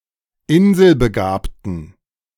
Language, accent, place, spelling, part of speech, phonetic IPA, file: German, Germany, Berlin, inselbegabten, adjective, [ˈɪnzəlbəˌɡaːptn̩], De-inselbegabten.ogg
- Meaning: inflection of inselbegabt: 1. strong genitive masculine/neuter singular 2. weak/mixed genitive/dative all-gender singular 3. strong/weak/mixed accusative masculine singular 4. strong dative plural